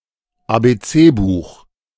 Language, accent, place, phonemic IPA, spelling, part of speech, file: German, Germany, Berlin, /ˌaːˌbeːˈt͡seːˌbuːx/, Abc-Buch, noun, De-Abc-Buch.ogg
- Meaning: primer (book)